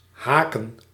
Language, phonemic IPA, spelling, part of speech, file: Dutch, /ˈɦaːkə(n)/, haken, verb / noun, Nl-haken.ogg
- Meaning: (verb) 1. to hook, to catch 2. to crochet 3. to long strongly for; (noun) plural of haak